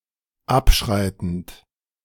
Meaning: present participle of abschreiten
- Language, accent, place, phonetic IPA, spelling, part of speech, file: German, Germany, Berlin, [ˈapˌʃʁaɪ̯tn̩t], abschreitend, verb, De-abschreitend.ogg